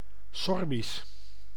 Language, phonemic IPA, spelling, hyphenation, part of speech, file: Dutch, /ˈsɔrbis/, Sorbisch, Sor‧bisch, adjective / proper noun, Nl-Sorbisch.ogg
- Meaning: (adjective) 1. Sorbian, belonging or relating to the Sorbian people 2. Sorbian, in or relating to the Sorbian language; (proper noun) the Sorbian (West Slavic) language